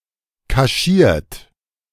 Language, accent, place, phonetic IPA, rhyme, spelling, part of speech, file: German, Germany, Berlin, [kaˈʃiːɐ̯t], -iːɐ̯t, kaschiert, verb, De-kaschiert.ogg
- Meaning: 1. past participle of kaschieren 2. inflection of kaschieren: third-person singular present 3. inflection of kaschieren: second-person plural present 4. inflection of kaschieren: plural imperative